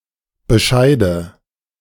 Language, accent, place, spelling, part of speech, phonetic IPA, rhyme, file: German, Germany, Berlin, bescheide, verb, [bəˈʃaɪ̯də], -aɪ̯də, De-bescheide.ogg
- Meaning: inflection of bescheiden: 1. first-person singular present 2. first/third-person singular subjunctive I 3. singular imperative